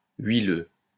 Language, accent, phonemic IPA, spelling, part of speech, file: French, France, /ɥi.lø/, huileux, adjective, LL-Q150 (fra)-huileux.wav
- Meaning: oily (covered with oil)